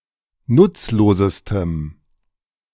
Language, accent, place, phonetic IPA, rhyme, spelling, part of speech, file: German, Germany, Berlin, [ˈnʊt͡sloːzəstəm], -ʊt͡sloːzəstəm, nutzlosestem, adjective, De-nutzlosestem.ogg
- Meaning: strong dative masculine/neuter singular superlative degree of nutzlos